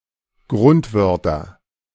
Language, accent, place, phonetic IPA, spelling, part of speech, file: German, Germany, Berlin, [ˈɡʁʊntˌvœʁtɐ], Grundwörter, noun, De-Grundwörter.ogg
- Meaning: nominative/accusative/genitive plural of Grundwort